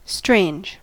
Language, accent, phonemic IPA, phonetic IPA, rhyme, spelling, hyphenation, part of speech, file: English, US, /stɹeɪnd͡ʒ/, [stɹeɪnd͡ʒ], -eɪndʒ, strange, strange, adjective / verb / noun, En-us-strange.ogg
- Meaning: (adjective) 1. Not normal; odd, unusual, surprising, out of the ordinary, often with a negative connotation 2. Unfamiliar, not yet part of one's experience